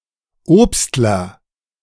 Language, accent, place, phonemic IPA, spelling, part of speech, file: German, Germany, Berlin, /ˈoːpstlɐ/, Obstler, noun, De-Obstler.ogg
- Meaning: 1. fruit brandy, fruit schnapps 2. fruit merchant